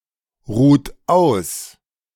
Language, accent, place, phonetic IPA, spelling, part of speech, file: German, Germany, Berlin, [ˌʁuːt ˈaʊ̯s], ruht aus, verb, De-ruht aus.ogg
- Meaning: inflection of ausruhen: 1. second-person plural present 2. third-person singular present 3. plural imperative